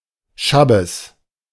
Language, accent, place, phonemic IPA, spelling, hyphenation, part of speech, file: German, Germany, Berlin, /ˈʃabəs/, Schabbes, Schab‧bes, noun, De-Schabbes.ogg
- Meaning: shabbes, shabbat